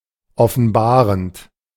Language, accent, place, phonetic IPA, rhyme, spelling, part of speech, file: German, Germany, Berlin, [ɔfn̩ˈbaːʁənt], -aːʁənt, offenbarend, verb, De-offenbarend.ogg
- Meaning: present participle of offenbaren